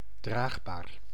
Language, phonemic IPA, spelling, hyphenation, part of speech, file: Dutch, /ˈdraːx.baːr/, draagbaar, draag‧baar, adjective / noun, Nl-draagbaar.ogg
- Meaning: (adjective) portable; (noun) stretcher, bier